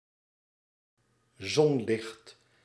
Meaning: sunlight
- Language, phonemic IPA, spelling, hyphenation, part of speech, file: Dutch, /ˈzɔn.lɪxt/, zonlicht, zon‧licht, noun, Nl-zonlicht.ogg